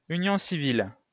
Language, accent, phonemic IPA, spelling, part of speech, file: French, France, /y.njɔ̃ si.vil/, union civile, noun, LL-Q150 (fra)-union civile.wav
- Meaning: civil union (legal relationship between a couple, same-sex or different-sex, in Quebec)